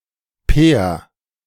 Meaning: a male given name
- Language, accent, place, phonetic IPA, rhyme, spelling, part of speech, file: German, Germany, Berlin, [peːɐ̯], -eːɐ̯, Per, proper noun, De-Per.ogg